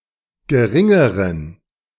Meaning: inflection of gering: 1. strong genitive masculine/neuter singular comparative degree 2. weak/mixed genitive/dative all-gender singular comparative degree
- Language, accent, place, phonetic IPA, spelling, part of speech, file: German, Germany, Berlin, [ɡəˈʁɪŋəʁən], geringeren, adjective, De-geringeren.ogg